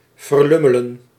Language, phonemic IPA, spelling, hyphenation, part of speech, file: Dutch, /vərˈlʏ.mə.lə(n)/, verlummelen, ver‧lum‧me‧len, verb, Nl-verlummelen.ogg
- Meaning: to waste, to while away